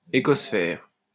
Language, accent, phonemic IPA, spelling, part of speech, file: French, France, /e.kos.fɛʁ/, écosphère, noun, LL-Q150 (fra)-écosphère.wav
- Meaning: ecosphere